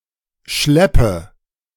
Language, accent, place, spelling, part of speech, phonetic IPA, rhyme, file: German, Germany, Berlin, Schleppe, noun, [ˈʃlɛpə], -ɛpə, De-Schleppe.ogg
- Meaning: train (the elongated back portion of a dress or skirt)